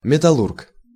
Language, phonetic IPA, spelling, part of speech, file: Russian, [mʲɪtɐˈɫurk], металлург, noun, Ru-металлург.ogg
- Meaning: metallurgist